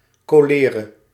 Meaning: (noun) cholera; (interjection) damn! "What the fuck?"
- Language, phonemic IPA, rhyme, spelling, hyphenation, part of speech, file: Dutch, /ˌkoːˈleː.rə/, -eːrə, kolere, ko‧le‧re, noun / interjection, Nl-kolere.ogg